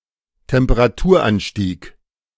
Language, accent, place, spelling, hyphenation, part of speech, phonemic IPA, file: German, Germany, Berlin, Temperaturanstieg, Tem‧pe‧ra‧tur‧an‧stieg, noun, /tɛmpəʁaˈtuːɐ̯ˌʔanʃtiːk/, De-Temperaturanstieg.ogg
- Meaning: rise in temperature